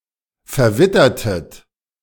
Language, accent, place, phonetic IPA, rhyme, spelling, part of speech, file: German, Germany, Berlin, [fɛɐ̯ˈvɪtɐtət], -ɪtɐtət, verwittertet, verb, De-verwittertet.ogg
- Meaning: inflection of verwittern: 1. second-person plural preterite 2. second-person plural subjunctive II